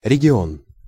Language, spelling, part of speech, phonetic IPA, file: Russian, регион, noun, [rʲɪɡʲɪˈon], Ru-регион.ogg
- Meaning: region